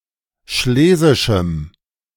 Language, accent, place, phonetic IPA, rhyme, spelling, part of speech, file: German, Germany, Berlin, [ˈʃleːzɪʃm̩], -eːzɪʃm̩, schlesischem, adjective, De-schlesischem.ogg
- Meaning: strong dative masculine/neuter singular of schlesisch